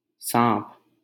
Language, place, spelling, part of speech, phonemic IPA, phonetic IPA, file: Hindi, Delhi, साँप, noun, /sɑ̃ːp/, [sä̃ːp], LL-Q1568 (hin)-साँप.wav
- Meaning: snake